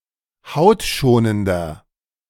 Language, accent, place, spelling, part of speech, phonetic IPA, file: German, Germany, Berlin, hautschonender, adjective, [ˈhaʊ̯tˌʃoːnəndɐ], De-hautschonender.ogg
- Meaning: 1. comparative degree of hautschonend 2. inflection of hautschonend: strong/mixed nominative masculine singular 3. inflection of hautschonend: strong genitive/dative feminine singular